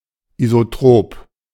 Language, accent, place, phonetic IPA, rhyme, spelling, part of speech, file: German, Germany, Berlin, [izoˈtʁoːp], -oːp, isotrop, adjective, De-isotrop.ogg
- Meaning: isotropic